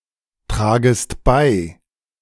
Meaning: second-person singular subjunctive I of beitragen
- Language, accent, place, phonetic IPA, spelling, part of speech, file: German, Germany, Berlin, [ˌtʁaːɡəst ˈbaɪ̯], tragest bei, verb, De-tragest bei.ogg